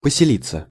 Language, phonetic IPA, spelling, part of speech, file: Russian, [pəsʲɪˈlʲit͡sːə], поселиться, verb, Ru-поселиться.ogg
- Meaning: 1. to settle, to take up one's residence 2. passive of посели́ть (poselítʹ)